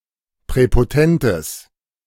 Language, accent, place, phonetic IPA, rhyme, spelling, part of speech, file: German, Germany, Berlin, [pʁɛpoˈtɛntəs], -ɛntəs, präpotentes, adjective, De-präpotentes.ogg
- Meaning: strong/mixed nominative/accusative neuter singular of präpotent